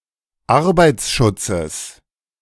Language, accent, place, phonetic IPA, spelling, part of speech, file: German, Germany, Berlin, [ˈaʁbaɪ̯t͡sˌʃʊt͡səs], Arbeitsschutzes, noun, De-Arbeitsschutzes.ogg
- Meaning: genitive singular of Arbeitsschutz